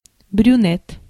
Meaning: male brunette; brunet (dark-haired male)
- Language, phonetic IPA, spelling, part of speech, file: Russian, [brʲʉˈnʲet], брюнет, noun, Ru-брюнет.ogg